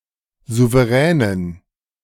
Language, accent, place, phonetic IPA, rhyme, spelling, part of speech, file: German, Germany, Berlin, [ˌzuvəˈʁɛːnən], -ɛːnən, souveränen, adjective, De-souveränen.ogg
- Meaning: inflection of souverän: 1. strong genitive masculine/neuter singular 2. weak/mixed genitive/dative all-gender singular 3. strong/weak/mixed accusative masculine singular 4. strong dative plural